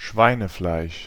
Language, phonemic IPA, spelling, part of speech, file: German, /ˈʃvaɪ̯nəflaɪ̯ʃ/, Schweinefleisch, noun, De-Schweinefleisch.ogg
- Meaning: pork